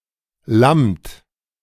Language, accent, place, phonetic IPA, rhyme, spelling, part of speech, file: German, Germany, Berlin, [lamt], -amt, lammt, verb, De-lammt.ogg
- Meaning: inflection of lammen: 1. second-person plural present 2. third-person singular present 3. plural imperative